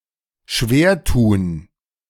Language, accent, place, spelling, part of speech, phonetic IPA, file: German, Germany, Berlin, schwertun, verb, [ˈʃveːɐ̯ˌtuːn], De-schwertun.ogg
- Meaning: to struggle, to find difficult